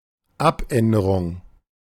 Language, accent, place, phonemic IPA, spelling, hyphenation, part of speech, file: German, Germany, Berlin, /ˈʔapˌʔɛndəʁʊŋ/, Abänderung, Ab‧än‧de‧rung, noun, De-Abänderung.ogg
- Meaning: 1. alteration, change 2. modification, revision 3. amendment 4. commutation